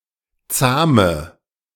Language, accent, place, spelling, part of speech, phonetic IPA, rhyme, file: German, Germany, Berlin, zahme, adjective, [ˈt͡saːmə], -aːmə, De-zahme.ogg
- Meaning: inflection of zahm: 1. strong/mixed nominative/accusative feminine singular 2. strong nominative/accusative plural 3. weak nominative all-gender singular 4. weak accusative feminine/neuter singular